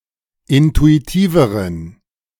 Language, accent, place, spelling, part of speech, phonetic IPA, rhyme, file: German, Germany, Berlin, intuitiveren, adjective, [ˌɪntuiˈtiːvəʁən], -iːvəʁən, De-intuitiveren.ogg
- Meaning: inflection of intuitiv: 1. strong genitive masculine/neuter singular comparative degree 2. weak/mixed genitive/dative all-gender singular comparative degree